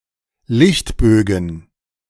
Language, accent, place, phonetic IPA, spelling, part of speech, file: German, Germany, Berlin, [ˈlɪçtˌbøːɡn̩], Lichtbögen, noun, De-Lichtbögen.ogg
- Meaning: plural of Lichtbogen